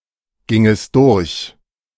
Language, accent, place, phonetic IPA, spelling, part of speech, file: German, Germany, Berlin, [ˌɡɪŋəst ˈdʊʁç], gingest durch, verb, De-gingest durch.ogg
- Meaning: second-person singular subjunctive II of durchgehen